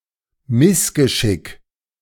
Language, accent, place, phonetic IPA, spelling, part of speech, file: German, Germany, Berlin, [ˈmɪsɡəˌʃɪk], Missgeschick, noun, De-Missgeschick.ogg
- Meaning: mishap